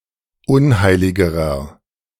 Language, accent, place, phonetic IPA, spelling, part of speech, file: German, Germany, Berlin, [ˈʊnˌhaɪ̯lɪɡəʁɐ], unheiligerer, adjective, De-unheiligerer.ogg
- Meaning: inflection of unheilig: 1. strong/mixed nominative masculine singular comparative degree 2. strong genitive/dative feminine singular comparative degree 3. strong genitive plural comparative degree